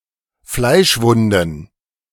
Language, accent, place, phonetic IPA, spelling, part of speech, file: German, Germany, Berlin, [ˈflaɪ̯ʃˌvʊndn̩], Fleischwunden, noun, De-Fleischwunden.ogg
- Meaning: plural of Fleischwunde